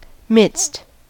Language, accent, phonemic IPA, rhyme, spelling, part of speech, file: English, US, /mɪdst/, -ɪdst, midst, noun / preposition, En-us-midst.ogg
- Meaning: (noun) A place in the middle of something; may be used of a literal or metaphorical location; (preposition) Among, in the middle of; amidst